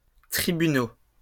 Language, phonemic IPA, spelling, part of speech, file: French, /tʁi.by.no/, tribunaux, noun, LL-Q150 (fra)-tribunaux.wav
- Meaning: plural of tribunal